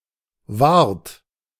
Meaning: keeper, guard, one responsible for the upkeep and/or protection of something
- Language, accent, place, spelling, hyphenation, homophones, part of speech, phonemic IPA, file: German, Germany, Berlin, Wart, Wart, wahrt, noun, /vart/, De-Wart.ogg